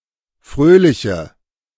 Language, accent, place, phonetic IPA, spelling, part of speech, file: German, Germany, Berlin, [ˈfʁøːlɪçə], fröhliche, adjective, De-fröhliche.ogg
- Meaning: inflection of fröhlich: 1. strong/mixed nominative/accusative feminine singular 2. strong nominative/accusative plural 3. weak nominative all-gender singular